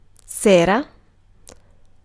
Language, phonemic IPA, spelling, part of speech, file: Italian, /ˈsera/, sera, noun, It-sera.ogg